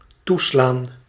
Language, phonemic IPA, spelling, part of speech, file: Dutch, /ˈtu.slaːn/, toeslaan, verb, Nl-toeslaan.ogg
- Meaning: 1. to slam closed 2. to seize the chance (e.g. to strike), to take advantage of a situation 3. to strike, to suddenly occur (said of a disaster or a disease)